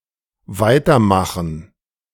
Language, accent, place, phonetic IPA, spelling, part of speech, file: German, Germany, Berlin, [ˈvaɪ̯tɐˌmaxn̩], weitermachen, verb, De-weitermachen.ogg
- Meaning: go on, keep going, continue to do something